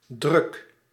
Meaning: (noun) 1. pressure 2. edition, printing (of a publication); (adjective) 1. busy, crowded, hectic (of a place) 2. busy, preoccupied (of a person) 3. restless, uneasy 4. gaudy, messy, restless
- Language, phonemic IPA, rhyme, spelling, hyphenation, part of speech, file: Dutch, /drʏk/, -ʏk, druk, druk, noun / adjective / verb, Nl-druk.ogg